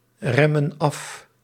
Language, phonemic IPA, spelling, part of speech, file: Dutch, /ˈrɛmə(n) ˈɑf/, remmen af, verb, Nl-remmen af.ogg
- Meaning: inflection of afremmen: 1. plural present indicative 2. plural present subjunctive